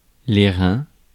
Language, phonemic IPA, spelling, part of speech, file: French, /ʁɛ̃/, reins, noun, Fr-reins.ogg
- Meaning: 1. plural of rein 2. small of the back; waist